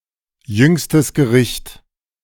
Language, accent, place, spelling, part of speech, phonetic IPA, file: German, Germany, Berlin, Jüngstes Gericht, phrase, [ˌjʏŋstəs ɡəˈʁɪçt], De-Jüngstes Gericht.ogg
- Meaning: Last Judgment